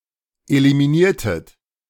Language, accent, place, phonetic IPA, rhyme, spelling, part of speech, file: German, Germany, Berlin, [elimiˈniːɐ̯tət], -iːɐ̯tət, eliminiertet, verb, De-eliminiertet.ogg
- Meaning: inflection of eliminieren: 1. second-person plural preterite 2. second-person plural subjunctive II